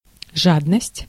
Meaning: greed, avarice
- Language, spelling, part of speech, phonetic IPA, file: Russian, жадность, noun, [ˈʐadnəsʲtʲ], Ru-жадность.ogg